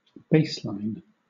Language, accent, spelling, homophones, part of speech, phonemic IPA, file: English, Southern England, baseline, bassline, noun / verb, /ˈbeɪslaɪn/, LL-Q1860 (eng)-baseline.wav
- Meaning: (noun) 1. A line that is a base for measurement or for construction 2. A datum used as the basis for calculation or for comparison 3. A line used as the basis for the alignment of glyphs